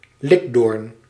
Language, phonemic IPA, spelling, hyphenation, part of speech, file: Dutch, /ˈlɪk.doːrn/, likdoorn, lik‧doorn, noun, Nl-likdoorn.ogg
- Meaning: clavus, corn